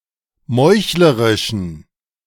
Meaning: inflection of meuchlerisch: 1. strong genitive masculine/neuter singular 2. weak/mixed genitive/dative all-gender singular 3. strong/weak/mixed accusative masculine singular 4. strong dative plural
- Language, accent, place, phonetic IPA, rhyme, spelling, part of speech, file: German, Germany, Berlin, [ˈmɔɪ̯çləʁɪʃn̩], -ɔɪ̯çləʁɪʃn̩, meuchlerischen, adjective, De-meuchlerischen.ogg